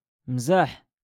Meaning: loquats, medlars
- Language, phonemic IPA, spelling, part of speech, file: Moroccan Arabic, /mzaːħ/, مزاح, noun, LL-Q56426 (ary)-مزاح.wav